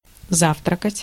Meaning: to have breakfast, to breakfast, to lunch
- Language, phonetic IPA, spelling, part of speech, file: Russian, [ˈzaftrəkətʲ], завтракать, verb, Ru-завтракать.ogg